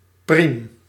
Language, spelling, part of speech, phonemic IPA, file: Dutch, priem, noun / adjective, /prim/, Nl-priem.ogg
- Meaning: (noun) 1. bodkin, awl 2. punch, piercer 3. squeezing mandrel; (adjective) apocopic form of prima (“excellent, fine”)